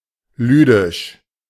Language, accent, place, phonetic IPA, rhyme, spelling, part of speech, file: German, Germany, Berlin, [ˈlyːdɪʃ], -yːdɪʃ, lydisch, adjective, De-lydisch.ogg
- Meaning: 1. Lydian (related to the Lydians, their country or their language) 2. Lydian (related to the Ancient Greek music mode)